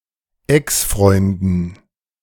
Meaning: dative plural of Exfreund
- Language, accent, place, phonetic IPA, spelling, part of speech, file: German, Germany, Berlin, [ˈɛksˌfʁɔɪ̯ndn̩], Exfreunden, noun, De-Exfreunden.ogg